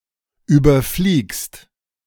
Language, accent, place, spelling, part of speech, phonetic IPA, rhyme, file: German, Germany, Berlin, überfliegst, verb, [ˌyːbɐˈfliːkst], -iːkst, De-überfliegst.ogg
- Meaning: second-person singular present of überfliegen